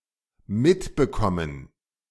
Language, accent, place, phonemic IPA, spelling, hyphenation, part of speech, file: German, Germany, Berlin, /ˈmɪtbəˌkɔmən/, mitbekommen, mit‧be‧kom‧men, verb, De-mitbekommen.ogg
- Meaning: 1. to get or be given something when leaving 2. to notice, learn, find out (become aware, become informed, come to know) 3. to understand